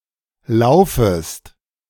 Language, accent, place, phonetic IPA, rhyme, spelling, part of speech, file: German, Germany, Berlin, [ˈlaʊ̯fəst], -aʊ̯fəst, laufest, verb, De-laufest.ogg
- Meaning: second-person singular subjunctive I of laufen